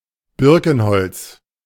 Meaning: birch wood
- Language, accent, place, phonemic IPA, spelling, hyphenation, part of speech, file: German, Germany, Berlin, /ˈbɪʁkn̩ˌhɔlt͡s/, Birkenholz, Bir‧ken‧holz, noun, De-Birkenholz.ogg